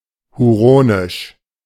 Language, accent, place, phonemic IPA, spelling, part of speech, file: German, Germany, Berlin, /huˈʁoːnɪʃ/, huronisch, adjective, De-huronisch.ogg
- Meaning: Huronian